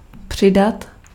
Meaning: to add
- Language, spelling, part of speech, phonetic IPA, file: Czech, přidat, verb, [ˈpr̝̊ɪdat], Cs-přidat.ogg